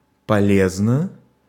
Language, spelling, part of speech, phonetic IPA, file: Russian, полезно, adverb / adjective, [pɐˈlʲeznə], Ru-полезно.ogg
- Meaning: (adverb) 1. beneficially 2. usefully, helpfully; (adjective) 1. it is useful, it is healthy, it is wholesome to one 2. short neuter singular of поле́зный (poléznyj)